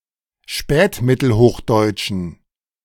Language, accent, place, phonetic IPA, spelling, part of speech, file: German, Germany, Berlin, [ˈʃpɛːtmɪtl̩ˌhoːxdɔɪ̯t͡ʃn̩], spätmittelhochdeutschen, adjective, De-spätmittelhochdeutschen.ogg
- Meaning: inflection of spätmittelhochdeutsch: 1. strong genitive masculine/neuter singular 2. weak/mixed genitive/dative all-gender singular 3. strong/weak/mixed accusative masculine singular